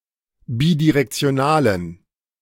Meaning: inflection of bidirektional: 1. strong genitive masculine/neuter singular 2. weak/mixed genitive/dative all-gender singular 3. strong/weak/mixed accusative masculine singular 4. strong dative plural
- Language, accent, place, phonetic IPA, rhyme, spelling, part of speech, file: German, Germany, Berlin, [ˌbidiʁɛkt͡si̯oˈnaːlən], -aːlən, bidirektionalen, adjective, De-bidirektionalen.ogg